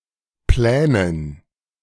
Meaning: 1. dative plural of Plan 2. plural of Pläne
- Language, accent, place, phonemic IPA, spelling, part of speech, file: German, Germany, Berlin, /ˈplɛːnən/, Plänen, noun, De-Plänen.ogg